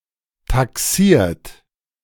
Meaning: 1. past participle of taxieren 2. inflection of taxieren: third-person singular present 3. inflection of taxieren: second-person plural present 4. inflection of taxieren: plural imperative
- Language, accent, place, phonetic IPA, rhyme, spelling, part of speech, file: German, Germany, Berlin, [taˈksiːɐ̯t], -iːɐ̯t, taxiert, verb, De-taxiert.ogg